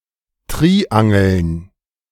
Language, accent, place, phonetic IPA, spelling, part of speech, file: German, Germany, Berlin, [ˈtʁiːʔaŋl̩n], Triangeln, noun, De-Triangeln.ogg
- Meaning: plural of Triangel